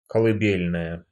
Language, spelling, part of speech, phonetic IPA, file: Russian, колыбельная, noun, [kəɫɨˈbʲelʲnəjə], Ru-колыбельная.ogg
- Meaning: lullaby (a soothing song to lull children to sleep)